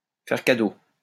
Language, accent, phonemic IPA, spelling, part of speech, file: French, France, /fɛʁ ka.do/, faire cadeau, verb, LL-Q150 (fra)-faire cadeau.wav
- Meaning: to give for free, to gift